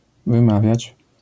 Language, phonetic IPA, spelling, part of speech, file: Polish, [vɨ̃ˈmavʲjät͡ɕ], wymawiać, verb, LL-Q809 (pol)-wymawiać.wav